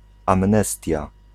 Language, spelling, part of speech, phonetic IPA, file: Polish, amnestia, noun, [ãmˈnɛstʲja], Pl-amnestia.ogg